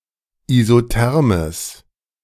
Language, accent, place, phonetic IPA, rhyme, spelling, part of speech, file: German, Germany, Berlin, [izoˈtɛʁməs], -ɛʁməs, isothermes, adjective, De-isothermes.ogg
- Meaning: strong/mixed nominative/accusative neuter singular of isotherm